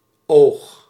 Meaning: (noun) 1. eye 2. pip (of dice) 3. eye of a needle 4. eye (of a peacock's tail) 5. eye (of a storm) 6. sight, vision, gaze; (verb) inflection of ogen: first-person singular present indicative
- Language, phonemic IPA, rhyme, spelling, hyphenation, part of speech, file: Dutch, /oːx/, -oːx, oog, oog, noun / verb, Nl-oog.ogg